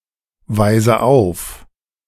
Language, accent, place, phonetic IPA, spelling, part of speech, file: German, Germany, Berlin, [ˌvaɪ̯zə ˈaʊ̯f], weise auf, verb, De-weise auf.ogg
- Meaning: inflection of aufweisen: 1. first-person singular present 2. first/third-person singular subjunctive I 3. singular imperative